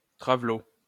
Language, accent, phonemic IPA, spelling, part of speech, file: French, France, /tʁa.vlo/, travelo, noun, LL-Q150 (fra)-travelo.wav
- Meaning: 1. transvestite, drag queen 2. transsexual, transgender, tranny